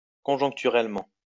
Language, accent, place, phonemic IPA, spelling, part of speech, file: French, France, Lyon, /kɔ̃.ʒɔ̃k.ty.ʁɛl.mɑ̃/, conjoncturellement, adverb, LL-Q150 (fra)-conjoncturellement.wav
- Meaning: cyclically